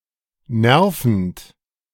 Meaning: present participle of nerven
- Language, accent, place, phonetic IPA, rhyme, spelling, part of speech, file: German, Germany, Berlin, [ˈnɛʁfn̩t], -ɛʁfn̩t, nervend, verb, De-nervend.ogg